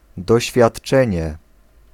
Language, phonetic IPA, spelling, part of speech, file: Polish, [ˌdɔɕfʲjaṭˈt͡ʃɛ̃ɲɛ], doświadczenie, noun, Pl-doświadczenie.ogg